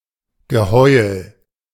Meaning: howling
- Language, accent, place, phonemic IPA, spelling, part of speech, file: German, Germany, Berlin, /ɡəˈhɔɪ̯l/, Geheul, noun, De-Geheul.ogg